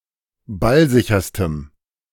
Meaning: strong dative masculine/neuter singular superlative degree of ballsicher
- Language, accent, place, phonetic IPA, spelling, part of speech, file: German, Germany, Berlin, [ˈbalˌzɪçɐstəm], ballsicherstem, adjective, De-ballsicherstem.ogg